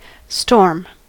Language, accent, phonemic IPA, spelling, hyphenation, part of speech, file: English, General American, /stoɹm/, storm, storm, noun / verb, En-us-storm.ogg